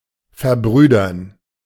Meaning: to fraternize (to associate with others in a brotherly or friendly manner)
- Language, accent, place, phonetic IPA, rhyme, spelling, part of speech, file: German, Germany, Berlin, [fɛɐ̯ˈbʁyːdɐn], -yːdɐn, verbrüdern, verb, De-verbrüdern.ogg